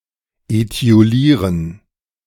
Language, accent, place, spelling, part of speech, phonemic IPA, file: German, Germany, Berlin, etiolieren, verb, /etioˈliːʁən/, De-etiolieren.ogg
- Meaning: to etiolate (to make pale through lack of light, especially a plant)